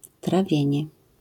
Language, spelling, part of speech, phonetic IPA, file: Polish, trawienie, noun, [traˈvʲjɛ̇̃ɲɛ], LL-Q809 (pol)-trawienie.wav